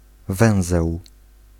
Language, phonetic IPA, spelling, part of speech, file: Polish, [ˈvɛ̃w̃zɛw], węzeł, noun, Pl-węzeł.ogg